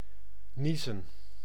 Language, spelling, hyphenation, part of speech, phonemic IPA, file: Dutch, niezen, nie‧zen, verb / noun, /ˈni.zə(n)/, Nl-niezen.ogg
- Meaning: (verb) to sneeze, exhale explosively; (noun) plural of nies